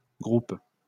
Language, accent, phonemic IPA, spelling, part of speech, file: French, France, /ɡʁup/, groupes, noun, LL-Q150 (fra)-groupes.wav
- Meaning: plural of groupe